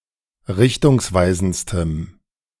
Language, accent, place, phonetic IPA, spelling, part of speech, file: German, Germany, Berlin, [ˈʁɪçtʊŋsˌvaɪ̯zn̩t͡stəm], richtungsweisendstem, adjective, De-richtungsweisendstem.ogg
- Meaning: strong dative masculine/neuter singular superlative degree of richtungsweisend